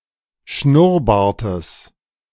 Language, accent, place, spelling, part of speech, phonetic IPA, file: German, Germany, Berlin, Schnurrbartes, noun, [ˈʃnʊʁˌbaːɐ̯təs], De-Schnurrbartes.ogg
- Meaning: genitive singular of Schnurrbart